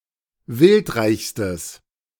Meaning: strong/mixed nominative/accusative neuter singular superlative degree of wildreich
- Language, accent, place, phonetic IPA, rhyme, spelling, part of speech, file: German, Germany, Berlin, [ˈvɪltˌʁaɪ̯çstəs], -ɪltʁaɪ̯çstəs, wildreichstes, adjective, De-wildreichstes.ogg